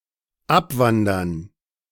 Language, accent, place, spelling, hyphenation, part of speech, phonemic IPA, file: German, Germany, Berlin, abwandern, ab‧wan‧dern, verb, /ˈʔapvandɐn/, De-abwandern.ogg
- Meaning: 1. to emigrate 2. to deport